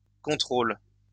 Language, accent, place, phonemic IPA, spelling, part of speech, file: French, France, Lyon, /kɔ̃.tʁol/, contrôles, noun / verb, LL-Q150 (fra)-contrôles.wav
- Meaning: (noun) plural of contrôle; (verb) second-person singular present indicative/subjunctive of contrôler